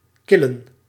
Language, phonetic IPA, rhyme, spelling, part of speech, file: Dutch, [ˈkɪlən], -ɪlən, killen, noun, Nl-killen.ogg
- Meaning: plural of kil